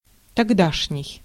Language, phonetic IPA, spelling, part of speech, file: Russian, [tɐɡˈdaʂnʲɪj], тогдашний, adjective, Ru-тогдашний.ogg
- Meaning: of that time, of those times, then